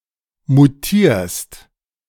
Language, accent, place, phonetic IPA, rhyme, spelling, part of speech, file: German, Germany, Berlin, [muˈtiːɐ̯st], -iːɐ̯st, mutierst, verb, De-mutierst.ogg
- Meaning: second-person singular present of mutieren